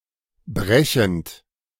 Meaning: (verb) present participle of brechen; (adjective) breaking
- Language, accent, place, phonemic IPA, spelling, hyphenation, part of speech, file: German, Germany, Berlin, /ˈbʁɛçənt/, brechend, bre‧chend, verb / adjective / adverb, De-brechend.ogg